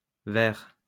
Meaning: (noun) plural of vert; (adjective) masculine plural of vert
- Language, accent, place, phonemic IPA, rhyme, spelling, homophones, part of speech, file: French, France, Lyon, /vɛʁ/, -ɛʁ, verts, vair / vaire / ver / verre / verres / vers / vert, noun / adjective, LL-Q150 (fra)-verts.wav